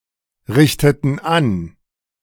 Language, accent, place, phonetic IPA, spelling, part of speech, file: German, Germany, Berlin, [ˌʁɪçtətn̩ ˈan], richteten an, verb, De-richteten an.ogg
- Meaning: inflection of anrichten: 1. first/third-person plural preterite 2. first/third-person plural subjunctive II